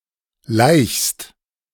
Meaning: second-person singular present of laichen
- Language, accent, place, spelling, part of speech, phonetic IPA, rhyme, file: German, Germany, Berlin, laichst, verb, [laɪ̯çst], -aɪ̯çst, De-laichst.ogg